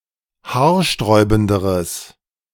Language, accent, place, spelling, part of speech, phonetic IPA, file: German, Germany, Berlin, haarsträubenderes, adjective, [ˈhaːɐ̯ˌʃtʁɔɪ̯bn̩dəʁəs], De-haarsträubenderes.ogg
- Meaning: strong/mixed nominative/accusative neuter singular comparative degree of haarsträubend